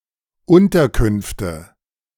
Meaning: nominative/accusative/genitive plural of Unterkunft
- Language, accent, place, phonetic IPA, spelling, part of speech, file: German, Germany, Berlin, [ˈʊntɐˌkʏnftə], Unterkünfte, noun, De-Unterkünfte.ogg